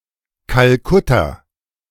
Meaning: Kolkata, Calcutta (the capital city of West Bengal, India)
- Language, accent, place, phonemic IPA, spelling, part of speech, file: German, Germany, Berlin, /kalˈkʊta/, Kalkutta, proper noun, De-Kalkutta.ogg